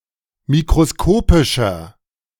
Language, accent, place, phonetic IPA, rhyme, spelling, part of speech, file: German, Germany, Berlin, [mikʁoˈskoːpɪʃɐ], -oːpɪʃɐ, mikroskopischer, adjective, De-mikroskopischer.ogg
- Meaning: inflection of mikroskopisch: 1. strong/mixed nominative masculine singular 2. strong genitive/dative feminine singular 3. strong genitive plural